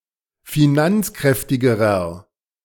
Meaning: inflection of finanzkräftig: 1. strong/mixed nominative masculine singular comparative degree 2. strong genitive/dative feminine singular comparative degree
- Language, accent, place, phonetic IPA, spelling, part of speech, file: German, Germany, Berlin, [fiˈnant͡sˌkʁɛftɪɡəʁɐ], finanzkräftigerer, adjective, De-finanzkräftigerer.ogg